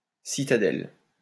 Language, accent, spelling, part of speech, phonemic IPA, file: French, France, citadelle, noun, /si.ta.dɛl/, LL-Q150 (fra)-citadelle.wav
- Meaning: citadel